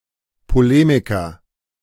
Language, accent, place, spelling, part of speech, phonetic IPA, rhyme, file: German, Germany, Berlin, Polemiker, noun, [poˈleːmɪkɐ], -eːmɪkɐ, De-Polemiker.ogg
- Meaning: polemicist (male or of unspecified gender)